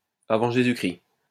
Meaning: BC (before Christ)
- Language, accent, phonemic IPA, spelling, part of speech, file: French, France, /a.vɑ̃ ʒe.zy.kʁi/, av. J.-C., adverb, LL-Q150 (fra)-av. J.-C..wav